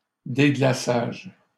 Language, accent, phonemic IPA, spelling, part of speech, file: French, Canada, /de.ɡla.saʒ/, déglaçages, noun, LL-Q150 (fra)-déglaçages.wav
- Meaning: plural of déglaçage